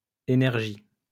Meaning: plural of énergie
- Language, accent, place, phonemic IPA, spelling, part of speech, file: French, France, Lyon, /e.nɛʁ.ʒi/, énergies, noun, LL-Q150 (fra)-énergies.wav